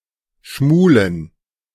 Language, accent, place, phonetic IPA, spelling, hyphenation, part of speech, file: German, Germany, Berlin, [ˈʃmuːlən], schmulen, schmu‧len, verb, De-schmulen.ogg
- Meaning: to peek